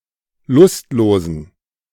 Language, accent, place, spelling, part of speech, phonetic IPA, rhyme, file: German, Germany, Berlin, lustlosen, adjective, [ˈlʊstˌloːzn̩], -ʊstloːzn̩, De-lustlosen.ogg
- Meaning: inflection of lustlos: 1. strong genitive masculine/neuter singular 2. weak/mixed genitive/dative all-gender singular 3. strong/weak/mixed accusative masculine singular 4. strong dative plural